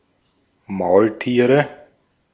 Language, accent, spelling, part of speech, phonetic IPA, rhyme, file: German, Austria, Maultiere, noun, [ˈmaʊ̯lˌtiːʁə], -aʊ̯ltiːʁə, De-at-Maultiere.ogg
- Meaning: nominative/accusative/genitive plural of Maultier